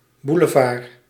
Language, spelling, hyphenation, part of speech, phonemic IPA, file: Dutch, boulevard, bou‧le‧vard, noun, /ˌbu.ləˈvaːr/, Nl-boulevard.ogg
- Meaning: boulevard